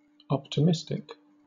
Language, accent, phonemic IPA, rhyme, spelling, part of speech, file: English, Southern England, /ˌɒptɪˈmɪstɪk/, -ɪstɪk, optimistic, adjective, LL-Q1860 (eng)-optimistic.wav
- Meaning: 1. Expecting the best in all possible ways 2. Allowing other processes to perform transactions on the same data at the same time, and checking for conflicts only when changes need to be written back